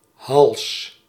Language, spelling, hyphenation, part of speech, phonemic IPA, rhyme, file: Dutch, hals, hals, noun, /ɦɑls/, -ɑls, Nl-hals.ogg
- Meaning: 1. the neck 2. the front side of the neck; throat 3. one's life, survival